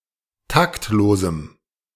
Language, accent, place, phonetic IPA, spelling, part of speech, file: German, Germany, Berlin, [ˈtaktˌloːzm̩], taktlosem, adjective, De-taktlosem.ogg
- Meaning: strong dative masculine/neuter singular of taktlos